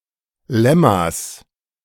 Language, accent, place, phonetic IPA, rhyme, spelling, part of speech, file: German, Germany, Berlin, [ˈlɛmas], -ɛmas, Lemmas, noun, De-Lemmas.ogg
- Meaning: genitive singular of Lemma